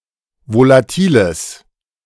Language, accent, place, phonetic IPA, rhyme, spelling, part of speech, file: German, Germany, Berlin, [volaˈtiːləs], -iːləs, volatiles, adjective, De-volatiles.ogg
- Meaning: strong/mixed nominative/accusative neuter singular of volatil